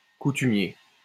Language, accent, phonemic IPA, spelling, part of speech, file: French, France, /ku.ty.mje/, coutumier, adjective / noun, LL-Q150 (fra)-coutumier.wav
- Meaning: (adjective) 1. customary, usual (of things) 2. accustomed to (of people, with de); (noun) customary